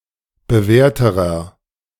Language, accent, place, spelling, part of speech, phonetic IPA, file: German, Germany, Berlin, bewährterer, adjective, [bəˈvɛːɐ̯təʁɐ], De-bewährterer.ogg
- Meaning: inflection of bewährt: 1. strong/mixed nominative masculine singular comparative degree 2. strong genitive/dative feminine singular comparative degree 3. strong genitive plural comparative degree